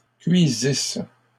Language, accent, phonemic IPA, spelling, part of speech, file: French, Canada, /kɥi.zis/, cuisisses, verb, LL-Q150 (fra)-cuisisses.wav
- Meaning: second-person singular imperfect subjunctive of cuire